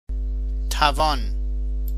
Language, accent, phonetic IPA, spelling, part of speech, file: Persian, Iran, [t̪ʰæ.vɒ́ːn], توان, noun / verb, Fa-توان.ogg
- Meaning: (noun) 1. power, stamina 2. ability, competence 3. power 4. exponent; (verb) present stem form of توانستن (tavânestan)